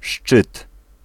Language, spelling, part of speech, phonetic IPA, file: Polish, szczyt, noun, [ʃt͡ʃɨt], Pl-szczyt.ogg